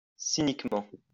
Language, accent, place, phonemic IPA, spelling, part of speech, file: French, France, Lyon, /si.nik.mɑ̃/, cyniquement, adverb, LL-Q150 (fra)-cyniquement.wav
- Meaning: cynically